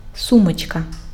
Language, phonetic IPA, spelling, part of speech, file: Ukrainian, [ˈsumɔt͡ʃkɐ], сумочка, noun, Uk-сумочка.ogg
- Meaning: diminutive of су́мка (súmka): (small) bag, handbag, purse